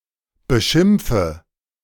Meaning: inflection of beschimpfen: 1. first-person singular present 2. first/third-person singular subjunctive I 3. singular imperative
- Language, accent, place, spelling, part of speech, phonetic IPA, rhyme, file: German, Germany, Berlin, beschimpfe, verb, [bəˈʃɪmp͡fə], -ɪmp͡fə, De-beschimpfe.ogg